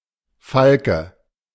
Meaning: 1. falcon 2. hawk, hard-liner
- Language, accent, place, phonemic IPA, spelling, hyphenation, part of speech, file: German, Germany, Berlin, /ˈfalkə/, Falke, Fal‧ke, noun, De-Falke.ogg